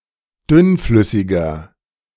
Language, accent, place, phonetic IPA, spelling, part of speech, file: German, Germany, Berlin, [ˈdʏnˌflʏsɪɡɐ], dünnflüssiger, adjective, De-dünnflüssiger.ogg
- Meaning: inflection of dünnflüssig: 1. strong/mixed nominative masculine singular 2. strong genitive/dative feminine singular 3. strong genitive plural